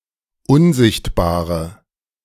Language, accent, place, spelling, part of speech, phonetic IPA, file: German, Germany, Berlin, unsichtbare, adjective, [ˈʊnˌzɪçtbaːʁə], De-unsichtbare.ogg
- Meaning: inflection of unsichtbar: 1. strong/mixed nominative/accusative feminine singular 2. strong nominative/accusative plural 3. weak nominative all-gender singular